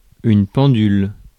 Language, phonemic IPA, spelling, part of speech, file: French, /pɑ̃.dyl/, pendule, noun, Fr-pendule.ogg
- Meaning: 1. pendulum 2. pendulum clock